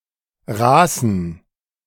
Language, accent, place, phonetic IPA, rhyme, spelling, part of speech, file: German, Germany, Berlin, [ˈʁaːsn̩], -aːsn̩, raßen, adjective, De-raßen.ogg
- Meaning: inflection of raß: 1. strong genitive masculine/neuter singular 2. weak/mixed genitive/dative all-gender singular 3. strong/weak/mixed accusative masculine singular 4. strong dative plural